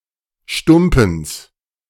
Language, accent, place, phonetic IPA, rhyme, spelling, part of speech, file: German, Germany, Berlin, [ˈʃtʊmpn̩s], -ʊmpn̩s, Stumpens, noun, De-Stumpens.ogg
- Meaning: genitive singular of Stumpen